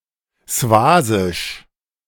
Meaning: of Swaziland; Swazi
- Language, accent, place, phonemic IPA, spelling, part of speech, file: German, Germany, Berlin, /ˈsvaːzɪʃ/, swasisch, adjective, De-swasisch.ogg